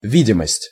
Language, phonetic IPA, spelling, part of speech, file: Russian, [ˈvʲidʲɪməsʲtʲ], видимость, noun, Ru-видимость.ogg
- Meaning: 1. visibility 2. outward appearance, semblance